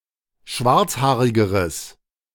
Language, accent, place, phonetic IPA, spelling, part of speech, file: German, Germany, Berlin, [ˈʃvaʁt͡sˌhaːʁɪɡəʁəs], schwarzhaarigeres, adjective, De-schwarzhaarigeres.ogg
- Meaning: strong/mixed nominative/accusative neuter singular comparative degree of schwarzhaarig